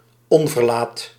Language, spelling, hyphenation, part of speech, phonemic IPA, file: Dutch, onverlaat, on‧ver‧laat, noun, /ˈɔn.vərˌlaːt/, Nl-onverlaat.ogg
- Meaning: thug, reprobate, vandal